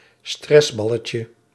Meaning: diminutive of stressbal
- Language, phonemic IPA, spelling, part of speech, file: Dutch, /ˈstrɛzbɑləcə/, stressballetje, noun, Nl-stressballetje.ogg